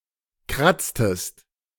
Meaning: inflection of kratzen: 1. second-person singular preterite 2. second-person singular subjunctive II
- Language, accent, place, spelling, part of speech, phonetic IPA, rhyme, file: German, Germany, Berlin, kratztest, verb, [ˈkʁat͡stəst], -at͡stəst, De-kratztest.ogg